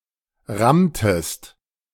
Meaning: inflection of rammen: 1. second-person singular preterite 2. second-person singular subjunctive II
- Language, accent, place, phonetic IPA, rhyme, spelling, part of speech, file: German, Germany, Berlin, [ˈʁamtəst], -amtəst, rammtest, verb, De-rammtest.ogg